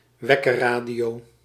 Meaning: clock radio
- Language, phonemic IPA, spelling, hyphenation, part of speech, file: Dutch, /ˈʋɛ.kə(r)ˌraː.di.oː/, wekkerradio, wek‧ker‧ra‧dio, noun, Nl-wekkerradio.ogg